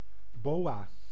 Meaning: 1. boa (snake of the genus Boa) 2. fur or plumed scarf, boa
- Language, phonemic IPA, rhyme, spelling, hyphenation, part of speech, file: Dutch, /ˈboː.aː/, -oːaː, boa, boa, noun, Nl-boa.ogg